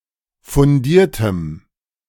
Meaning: strong dative masculine/neuter singular of fundiert
- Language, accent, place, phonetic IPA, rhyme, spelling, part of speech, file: German, Germany, Berlin, [fʊnˈdiːɐ̯təm], -iːɐ̯təm, fundiertem, adjective, De-fundiertem.ogg